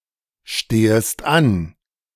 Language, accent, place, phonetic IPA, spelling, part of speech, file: German, Germany, Berlin, [ˌʃteːəst ˈan], stehest an, verb, De-stehest an.ogg
- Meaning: second-person singular subjunctive I of anstehen